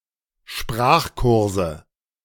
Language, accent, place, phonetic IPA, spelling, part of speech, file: German, Germany, Berlin, [ˈʃpʁaːxˌkʊʁzə], Sprachkurse, noun, De-Sprachkurse.ogg
- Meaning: nominative/accusative/genitive plural of Sprachkurs